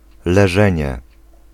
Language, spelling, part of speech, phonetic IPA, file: Polish, leżenie, noun, [lɛˈʒɛ̃ɲɛ], Pl-leżenie.ogg